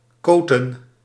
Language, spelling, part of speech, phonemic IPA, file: Dutch, koten, verb / noun, /ˈkotə(n)/, Nl-koten.ogg
- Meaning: 1. plural of koot 2. plural of kot